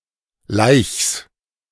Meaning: genitive singular of Laich
- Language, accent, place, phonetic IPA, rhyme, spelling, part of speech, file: German, Germany, Berlin, [laɪ̯çs], -aɪ̯çs, Laichs, noun, De-Laichs.ogg